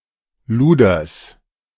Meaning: genitive of Luder
- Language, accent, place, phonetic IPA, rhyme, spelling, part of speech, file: German, Germany, Berlin, [ˈluːdɐs], -uːdɐs, Luders, noun, De-Luders.ogg